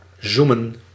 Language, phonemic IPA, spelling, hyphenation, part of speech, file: Dutch, /ˈzuː.mə(n)/, zoomen, zoo‧men, verb, Nl-zoomen.ogg
- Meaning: to zoom